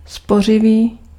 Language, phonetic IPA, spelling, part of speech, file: Czech, [ˈspor̝ɪviː], spořivý, adjective, Cs-spořivý.ogg
- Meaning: frugal, thrifty